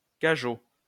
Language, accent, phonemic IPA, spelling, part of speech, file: French, France, /ka.ʒo/, cageot, noun, LL-Q150 (fra)-cageot.wav
- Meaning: 1. a low-sided, openwork crate, usually for transporting fruits or vegetables 2. a dog; an ugly woman